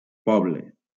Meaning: 1. a people 2. population 3. village; small settlement 4. the masses; commoners; plebs
- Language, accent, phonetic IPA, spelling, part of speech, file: Catalan, Valencia, [ˈpɔ.ble], poble, noun, LL-Q7026 (cat)-poble.wav